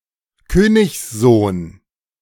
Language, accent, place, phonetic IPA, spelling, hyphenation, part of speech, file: German, Germany, Berlin, [ˈkøːnɪçsˌzoːn], Königssohn, Kö‧nigs‧sohn, noun, De-Königssohn.ogg
- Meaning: prince, king's son